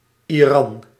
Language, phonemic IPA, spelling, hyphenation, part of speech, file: Dutch, /iˈrɑn/, Iran, Iran, proper noun, Nl-Iran.ogg
- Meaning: Iran (a country in West Asia)